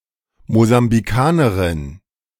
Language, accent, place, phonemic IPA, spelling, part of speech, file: German, Germany, Berlin, /mozambiˈkaːnɐʁɪn/, Mosambikanerin, noun, De-Mosambikanerin.ogg
- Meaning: Mozambican (female person from Mozambique or of Mozambican descent)